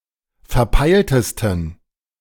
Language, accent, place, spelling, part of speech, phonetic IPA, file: German, Germany, Berlin, verpeiltesten, adjective, [fɛɐ̯ˈpaɪ̯ltəstn̩], De-verpeiltesten.ogg
- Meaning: 1. superlative degree of verpeilt 2. inflection of verpeilt: strong genitive masculine/neuter singular superlative degree